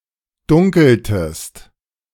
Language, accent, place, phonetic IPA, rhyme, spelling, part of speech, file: German, Germany, Berlin, [ˈdʊŋkl̩təst], -ʊŋkl̩təst, dunkeltest, verb, De-dunkeltest.ogg
- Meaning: inflection of dunkeln: 1. second-person singular preterite 2. second-person singular subjunctive II